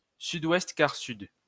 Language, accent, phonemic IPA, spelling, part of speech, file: French, France, /sy.dwɛst.kaʁ.syd/, sud-ouest-quart-sud, noun, LL-Q150 (fra)-sud-ouest-quart-sud.wav
- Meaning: southwest by south (compass point)